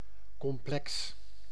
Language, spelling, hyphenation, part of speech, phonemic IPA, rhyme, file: Dutch, complex, com‧plex, adjective / noun, /kɔmˈplɛks/, -ɛks, Nl-complex.ogg
- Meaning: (adjective) 1. complex (composite) 2. complex (complicated) 3. complex (containing an imaginary component or involving imaginary numbers)